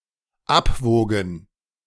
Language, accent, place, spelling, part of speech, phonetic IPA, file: German, Germany, Berlin, abwogen, verb, [ˈapˌvoːɡn̩], De-abwogen.ogg
- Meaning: first/third-person plural dependent preterite of abwiegen